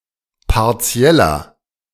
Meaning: inflection of partiell: 1. strong/mixed nominative masculine singular 2. strong genitive/dative feminine singular 3. strong genitive plural
- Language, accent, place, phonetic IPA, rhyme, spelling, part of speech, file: German, Germany, Berlin, [paʁˈt͡si̯ɛlɐ], -ɛlɐ, partieller, adjective, De-partieller.ogg